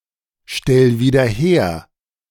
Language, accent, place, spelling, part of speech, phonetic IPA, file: German, Germany, Berlin, stell wieder her, verb, [ˌʃtɛl viːdɐ ˈheːɐ̯], De-stell wieder her.ogg
- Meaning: 1. singular imperative of wiederherstellen 2. first-person singular present of wiederherstellen